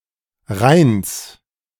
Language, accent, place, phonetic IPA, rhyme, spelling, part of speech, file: German, Germany, Berlin, [ʁaɪ̯ns], -aɪ̯ns, Rheins, noun, De-Rheins.ogg
- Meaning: genitive singular of Rhein